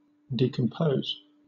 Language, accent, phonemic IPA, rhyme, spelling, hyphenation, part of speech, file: English, Southern England, /ˌdiːkəmˈpəʊz/, -əʊz, decompose, de‧com‧pose, verb, LL-Q1860 (eng)-decompose.wav
- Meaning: 1. To separate or break down (something) into its components 2. To rot, decay or putrefy